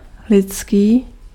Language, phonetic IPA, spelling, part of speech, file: Czech, [ˈlɪtskiː], lidský, adjective, Cs-lidský.ogg
- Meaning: 1. human (of or belonging to the species Homo sapiens) 2. human 3. humane